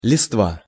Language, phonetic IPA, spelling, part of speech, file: Russian, [lʲɪstˈva], листва, noun, Ru-листва.ogg
- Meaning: 1. foliage 2. cherry, maidenhead